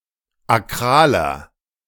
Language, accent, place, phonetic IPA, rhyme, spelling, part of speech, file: German, Germany, Berlin, [aˈkʁaːlɐ], -aːlɐ, akraler, adjective, De-akraler.ogg
- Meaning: inflection of akral: 1. strong/mixed nominative masculine singular 2. strong genitive/dative feminine singular 3. strong genitive plural